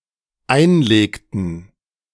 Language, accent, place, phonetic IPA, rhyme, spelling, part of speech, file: German, Germany, Berlin, [ˈaɪ̯nˌleːktn̩], -aɪ̯nleːktn̩, einlegten, verb, De-einlegten.ogg
- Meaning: inflection of einlegen: 1. first/third-person plural dependent preterite 2. first/third-person plural dependent subjunctive II